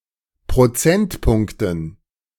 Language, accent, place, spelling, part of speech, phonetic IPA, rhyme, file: German, Germany, Berlin, Prozentpunkten, noun, [pʁoˈt͡sɛntˌpʊŋktn̩], -ɛntpʊŋktn̩, De-Prozentpunkten.ogg
- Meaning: dative plural of Prozentpunkt